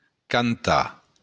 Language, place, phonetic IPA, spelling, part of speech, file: Occitan, Béarn, [kanˈta], cantar, verb, LL-Q14185 (oci)-cantar.wav
- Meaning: to sing